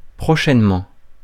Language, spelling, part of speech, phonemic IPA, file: French, prochainement, adverb, /pʁɔ.ʃɛn.mɑ̃/, Fr-prochainement.ogg
- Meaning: soon